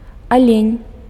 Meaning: deer
- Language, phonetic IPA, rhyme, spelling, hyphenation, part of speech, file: Belarusian, [aˈlʲenʲ], -enʲ, алень, алень, noun, Be-алень.ogg